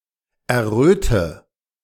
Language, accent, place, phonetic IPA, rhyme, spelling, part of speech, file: German, Germany, Berlin, [ɛɐ̯ˈʁøːtə], -øːtə, erröte, verb, De-erröte.ogg
- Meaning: inflection of erröten: 1. first-person singular present 2. first/third-person singular subjunctive I 3. singular imperative